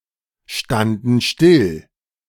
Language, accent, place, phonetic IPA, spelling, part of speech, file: German, Germany, Berlin, [ˌʃtandn̩ ˈʃtɪl], standen still, verb, De-standen still.ogg
- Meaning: first/third-person plural preterite of stillstehen